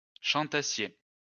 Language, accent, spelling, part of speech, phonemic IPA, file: French, France, chantassiez, verb, /ʃɑ̃.ta.sje/, LL-Q150 (fra)-chantassiez.wav
- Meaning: second-person plural imperfect subjunctive of chanter